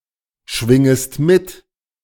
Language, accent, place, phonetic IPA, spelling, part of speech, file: German, Germany, Berlin, [ˌʃvɪŋəst ˈmɪt], schwingest mit, verb, De-schwingest mit.ogg
- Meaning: second-person singular subjunctive I of mitschwingen